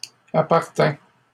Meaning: third-person singular past historic of appartenir
- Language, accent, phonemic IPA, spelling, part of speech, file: French, Canada, /a.paʁ.tɛ̃/, appartint, verb, LL-Q150 (fra)-appartint.wav